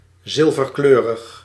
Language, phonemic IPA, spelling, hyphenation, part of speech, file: Dutch, /ˌzɪl.vərˈkløː.rəx/, zilverkleurig, zil‧ver‧kleu‧rig, adjective, Nl-zilverkleurig.ogg
- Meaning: silver -, silvery (having the color of/ any colour like silver)